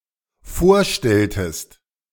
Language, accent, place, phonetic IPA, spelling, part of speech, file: German, Germany, Berlin, [ˈfoːɐ̯ˌʃtɛltəst], vorstelltest, verb, De-vorstelltest.ogg
- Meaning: inflection of vorstellen: 1. second-person singular dependent preterite 2. second-person singular dependent subjunctive II